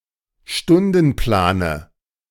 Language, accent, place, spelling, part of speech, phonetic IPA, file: German, Germany, Berlin, Stundenplane, noun, [ˈʃtʊndn̩ˌplaːnə], De-Stundenplane.ogg
- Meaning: dative singular of Stundenplan